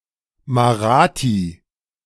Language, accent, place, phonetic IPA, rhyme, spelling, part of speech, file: German, Germany, Berlin, [maˈʁaːti], -aːti, Marathi, noun, De-Marathi.ogg
- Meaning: Marathi (one of the languages of India)